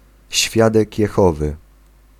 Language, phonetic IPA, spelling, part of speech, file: Polish, [ˈɕfʲjadɛc jɛˈxɔvɨ], świadek Jehowy, noun, Pl-świadek Jehowy.ogg